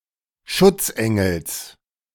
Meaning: genitive singular of Schutzengel
- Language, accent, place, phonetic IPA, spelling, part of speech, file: German, Germany, Berlin, [ˈʃʊt͡sˌʔɛŋl̩s], Schutzengels, noun, De-Schutzengels.ogg